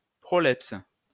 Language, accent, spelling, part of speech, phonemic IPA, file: French, France, prolepse, noun, /pʁɔ.lɛps/, LL-Q150 (fra)-prolepse.wav
- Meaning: 1. prolepsis (anticipation) 2. prolepsis